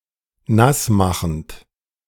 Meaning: present participle of nassmachen
- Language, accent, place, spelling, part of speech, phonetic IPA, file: German, Germany, Berlin, nassmachend, verb, [ˈnasˌmaxn̩t], De-nassmachend.ogg